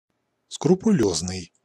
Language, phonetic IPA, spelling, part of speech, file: Russian, [skrʊpʊˈlʲɵznɨj], скрупулёзный, adjective, Ru-скрупулёзный.ogg
- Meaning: scrupulous, meticulous